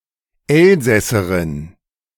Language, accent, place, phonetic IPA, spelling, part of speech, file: German, Germany, Berlin, [ˈɛlzɛsəʁɪn], Elsässerin, noun, De-Elsässerin.ogg
- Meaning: female Alsatian (woman from Alsace)